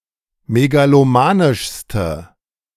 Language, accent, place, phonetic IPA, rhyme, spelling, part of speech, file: German, Germany, Berlin, [meɡaloˈmaːnɪʃstə], -aːnɪʃstə, megalomanischste, adjective, De-megalomanischste.ogg
- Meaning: inflection of megalomanisch: 1. strong/mixed nominative/accusative feminine singular superlative degree 2. strong nominative/accusative plural superlative degree